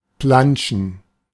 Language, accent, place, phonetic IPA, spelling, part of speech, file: German, Germany, Berlin, [ˈplan(t)ʃn̩], planschen, verb, De-planschen.ogg
- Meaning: to plash, to splash, to paddle (leisurely move around or play in often shallow water, especially of children)